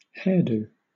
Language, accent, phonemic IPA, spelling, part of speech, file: English, Southern England, /ˈhɛəˌduː/, hairdo, noun, LL-Q1860 (eng)-hairdo.wav
- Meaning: 1. A hairstyle 2. A haircut